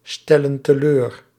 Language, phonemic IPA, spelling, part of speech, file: Dutch, /ˈstɛlə(n) təˈlør/, stellen teleur, verb, Nl-stellen teleur.ogg
- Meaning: inflection of teleurstellen: 1. plural present indicative 2. plural present subjunctive